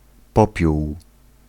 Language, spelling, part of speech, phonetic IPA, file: Polish, popiół, noun, [ˈpɔpʲjuw], Pl-popiół.ogg